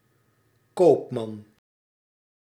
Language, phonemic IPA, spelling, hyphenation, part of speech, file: Dutch, /ˈkoːp.mɑn/, koopman, koop‧man, noun, Nl-koopman.ogg
- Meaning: a male merchant, merchantman, trader